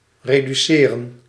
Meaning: to reduce
- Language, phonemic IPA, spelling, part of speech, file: Dutch, /ˌredyˈserə(n)/, reduceren, verb, Nl-reduceren.ogg